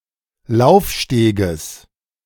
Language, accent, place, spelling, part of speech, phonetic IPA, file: German, Germany, Berlin, Laufsteges, noun, [ˈlaʊ̯fˌʃteːɡəs], De-Laufsteges.ogg
- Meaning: genitive singular of Laufsteg